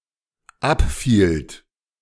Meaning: second-person plural dependent preterite of abfallen
- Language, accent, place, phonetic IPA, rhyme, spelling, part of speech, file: German, Germany, Berlin, [ˈapˌfiːlt], -apfiːlt, abfielt, verb, De-abfielt.ogg